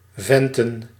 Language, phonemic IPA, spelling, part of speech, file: Dutch, /ˈvɛntə(n)/, venten, verb / noun, Nl-venten.ogg
- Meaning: plural of vent